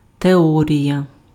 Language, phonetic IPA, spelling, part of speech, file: Ukrainian, [teˈɔrʲijɐ], теорія, noun, Uk-теорія.ogg
- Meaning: theory